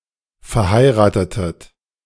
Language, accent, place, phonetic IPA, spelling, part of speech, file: German, Germany, Berlin, [fɛɐ̯ˈhaɪ̯ʁaːtətət], verheiratetet, verb, De-verheiratetet.ogg
- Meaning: inflection of verheiraten: 1. second-person plural preterite 2. second-person plural subjunctive II